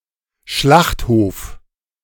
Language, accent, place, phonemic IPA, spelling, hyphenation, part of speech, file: German, Germany, Berlin, /ˈʃlaχtˌhoːf/, Schlachthof, Schlacht‧hof, noun, De-Schlachthof.ogg
- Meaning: slaughterhouse